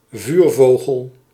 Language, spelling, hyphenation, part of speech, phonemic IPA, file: Dutch, vuurvogel, vuur‧vo‧gel, noun, /ˈvyːrˌvoː.ɣəl/, Nl-vuurvogel.ogg
- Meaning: a fire bird, e.g. a phoenix, Bennu or other mythological bird associated with fire